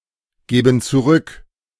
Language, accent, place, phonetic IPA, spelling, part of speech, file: German, Germany, Berlin, [ˌɡeːbn̩ t͡suˈʁʏk], geben zurück, verb, De-geben zurück.ogg
- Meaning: inflection of zurückgeben: 1. first/third-person plural present 2. first/third-person plural subjunctive I